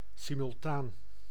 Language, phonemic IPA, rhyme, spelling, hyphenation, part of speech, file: Dutch, /ˌsi.mʏlˈtaːn/, -aːn, simultaan, si‧mul‧taan, adjective, Nl-simultaan.ogg
- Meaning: simultaneous